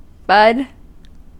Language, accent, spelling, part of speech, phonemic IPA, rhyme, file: English, US, bud, noun / verb, /bʌd/, -ʌd, En-us-bud.ogg
- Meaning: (noun) 1. A newly sprouted leaf or blossom that has not yet unfolded 2. Something that has begun to develop